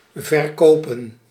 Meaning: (verb) 1. to sell 2. to sell, to be sold, to be saleable 3. to hit someone 4. to make something believable, to convince (sell an idea/belief); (noun) plural of verkoop
- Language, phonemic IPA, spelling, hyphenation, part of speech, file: Dutch, /vərˈkoːpə(n)/, verkopen, ver‧ko‧pen, verb / noun, Nl-verkopen.ogg